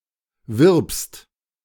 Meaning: second-person singular present of werben
- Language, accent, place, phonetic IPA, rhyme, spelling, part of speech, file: German, Germany, Berlin, [vɪʁpst], -ɪʁpst, wirbst, verb, De-wirbst.ogg